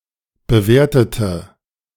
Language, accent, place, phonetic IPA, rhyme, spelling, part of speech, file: German, Germany, Berlin, [bəˈveːɐ̯tətə], -eːɐ̯tətə, bewertete, adjective, De-bewertete2.ogg
- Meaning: inflection of bewerten: 1. first/third-person singular preterite 2. first/third-person singular subjunctive II